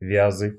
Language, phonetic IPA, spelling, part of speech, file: Russian, [ˈvʲazɨ], вязы, noun, Ru-вязы.ogg
- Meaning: nominative/accusative plural of вяз (vjaz)